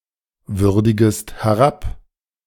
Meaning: second-person singular subjunctive I of herabwürdigen
- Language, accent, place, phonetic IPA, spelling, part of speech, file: German, Germany, Berlin, [ˌvʏʁdɪɡəst hɛˈʁap], würdigest herab, verb, De-würdigest herab.ogg